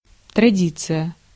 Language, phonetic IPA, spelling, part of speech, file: Russian, [trɐˈdʲit͡sɨjə], традиция, noun, Ru-традиция.ogg
- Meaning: tradition, heritage